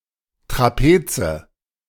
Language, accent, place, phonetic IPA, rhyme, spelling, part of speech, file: German, Germany, Berlin, [tʁaˈpeːt͡sə], -eːt͡sə, Trapeze, noun, De-Trapeze.ogg
- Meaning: nominative/accusative/genitive plural of Trapez